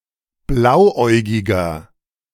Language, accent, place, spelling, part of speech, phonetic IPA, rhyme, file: German, Germany, Berlin, blauäugiger, adjective, [ˈblaʊ̯ˌʔɔɪ̯ɡɪɡɐ], -aʊ̯ʔɔɪ̯ɡɪɡɐ, De-blauäugiger.ogg
- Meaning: 1. comparative degree of blauäugig 2. inflection of blauäugig: strong/mixed nominative masculine singular 3. inflection of blauäugig: strong genitive/dative feminine singular